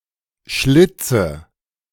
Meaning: nominative/accusative/genitive plural of Schlitz
- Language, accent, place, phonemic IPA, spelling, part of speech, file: German, Germany, Berlin, /ˈʃlɪt͡sə/, Schlitze, noun, De-Schlitze.ogg